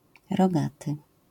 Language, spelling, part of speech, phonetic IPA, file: Polish, rogaty, adjective, [rɔˈɡatɨ], LL-Q809 (pol)-rogaty.wav